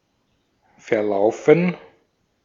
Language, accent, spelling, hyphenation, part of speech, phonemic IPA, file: German, Austria, verlaufen, ver‧lau‧fen, verb, /fɛɐ̯ˈlau̯fən/, De-at-verlaufen.ogg
- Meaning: 1. to get lost, stray 2. to disperse, scatter 3. to run (extend in a specific direction) 4. to go, proceed (well, poorly, etc.) 5. to peter out 6. to melt